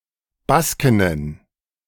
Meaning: plural of Baskin
- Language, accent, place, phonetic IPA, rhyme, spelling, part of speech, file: German, Germany, Berlin, [ˈbaskɪnən], -askɪnən, Baskinnen, noun, De-Baskinnen.ogg